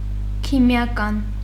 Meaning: chemical
- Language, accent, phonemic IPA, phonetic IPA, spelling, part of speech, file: Armenian, Eastern Armenian, /kʰimjɑˈkɑn/, [kʰimjɑkɑ́n], քիմիական, adjective, Hy-քիմիական.ogg